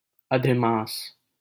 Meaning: leap month
- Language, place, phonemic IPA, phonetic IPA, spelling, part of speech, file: Hindi, Delhi, /ə.d̪ʱɪ.mɑːs/, [ɐ.d̪ʱɪ.mäːs], अधिमास, noun, LL-Q1568 (hin)-अधिमास.wav